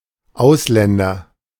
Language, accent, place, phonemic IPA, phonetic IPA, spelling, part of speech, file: German, Germany, Berlin, /ˈaʊ̯sˌlɛndɐ/, [ˈʔaʊ̯sˌlɛndɐ], Ausländer, noun / proper noun, De-Ausländer.ogg
- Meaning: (noun) 1. foreigner; foreign national, regardless of descent (male or of unspecified gender) 2. allochthone person, regardless of nationality (male or of unspecified gender)